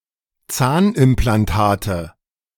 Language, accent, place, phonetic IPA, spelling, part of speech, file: German, Germany, Berlin, [ˈt͡saːnʔɪmplanˌtaːtə], Zahnimplantate, noun, De-Zahnimplantate.ogg
- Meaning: nominative/accusative/genitive plural of Zahnimplantat